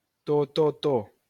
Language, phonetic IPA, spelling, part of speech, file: Esperanto, [toˈtoto], TTT, noun, LL-Q143 (epo)-TTT.wav